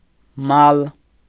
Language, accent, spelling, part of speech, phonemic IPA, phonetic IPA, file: Armenian, Eastern Armenian, մալ, noun, /mɑl/, [mɑl], Hy-մալ.ogg
- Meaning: 1. property, possession 2. cattle, livestock